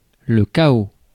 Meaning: chaos
- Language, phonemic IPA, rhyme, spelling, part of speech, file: French, /ka.o/, -o, chaos, noun, Fr-chaos.ogg